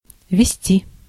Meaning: 1. to lead, to preside over, to chair 2. to drive 3. to keep; see ведение
- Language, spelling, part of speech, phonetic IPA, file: Russian, вести, verb, [vʲɪˈsʲtʲi], Ru-вести.ogg